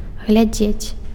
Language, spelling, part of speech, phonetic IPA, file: Belarusian, глядзець, verb, [ɣlʲaˈd͡zʲet͡sʲ], Be-глядзець.ogg
- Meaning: to look [with на (na, + accusative) ‘at’], to watch